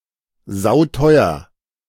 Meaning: very expensive
- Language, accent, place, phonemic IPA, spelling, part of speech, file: German, Germany, Berlin, /ˈzaʊ̯ˈtɔʏ̯ɐ/, sauteuer, adjective, De-sauteuer.ogg